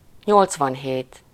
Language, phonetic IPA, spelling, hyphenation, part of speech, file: Hungarian, [ˈɲolt͡svɒnɦeːt], nyolcvanhét, nyolc‧van‧hét, numeral, Hu-nyolcvanhét.ogg
- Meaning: eighty-seven